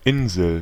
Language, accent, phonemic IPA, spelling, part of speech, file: German, Germany, /ˈɪnzəl/, Insel, noun, De-Insel.ogg
- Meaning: an island, an isle